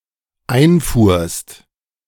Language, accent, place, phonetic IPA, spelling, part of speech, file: German, Germany, Berlin, [ˈaɪ̯nˌfuːɐ̯st], einfuhrst, verb, De-einfuhrst.ogg
- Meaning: second-person singular dependent preterite of einfahren